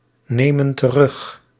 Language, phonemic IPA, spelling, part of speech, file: Dutch, /ˈnemə(n) t(ə)ˈrʏx/, nemen terug, verb, Nl-nemen terug.ogg
- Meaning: inflection of terugnemen: 1. plural present indicative 2. plural present subjunctive